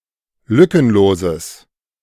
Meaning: strong/mixed nominative/accusative neuter singular of lückenlos
- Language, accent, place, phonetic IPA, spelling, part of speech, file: German, Germany, Berlin, [ˈlʏkənˌloːzəs], lückenloses, adjective, De-lückenloses.ogg